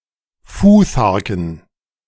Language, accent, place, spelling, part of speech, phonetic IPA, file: German, Germany, Berlin, Futharken, noun, [ˈfuːθaʁkn̩], De-Futharken.ogg
- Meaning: dative plural of Futhark